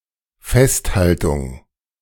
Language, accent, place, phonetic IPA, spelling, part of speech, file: German, Germany, Berlin, [ˈfɛstˌhaltʊŋ], Festhaltung, noun, De-Festhaltung.ogg
- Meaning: 1. retention 2. record